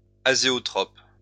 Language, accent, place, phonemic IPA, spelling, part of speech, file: French, France, Lyon, /a.ze.ɔ.tʁɔp/, azéotrope, noun, LL-Q150 (fra)-azéotrope.wav
- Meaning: azeotrope